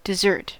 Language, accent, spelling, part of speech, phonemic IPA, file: English, US, dessert, noun, /dɪˈzɝt/, En-us-dessert.ogg
- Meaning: 1. The last course of a meal, consisting of fruit, sweet confections etc 2. A sweet dish or confection served as the last course of a meal